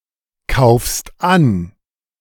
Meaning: second-person singular present of ankaufen
- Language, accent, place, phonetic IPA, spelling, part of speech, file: German, Germany, Berlin, [ˌkaʊ̯fst ˈan], kaufst an, verb, De-kaufst an.ogg